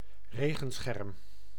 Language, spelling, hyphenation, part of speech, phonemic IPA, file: Dutch, regenscherm, re‧gen‧scherm, noun, /ˈreː.ɣə(n)ˌsxɛrm/, Nl-regenscherm.ogg
- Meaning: umbrella